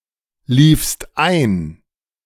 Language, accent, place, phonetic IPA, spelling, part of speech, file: German, Germany, Berlin, [ˌliːfst ˈaɪ̯n], liefst ein, verb, De-liefst ein.ogg
- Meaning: second-person singular preterite of einlaufen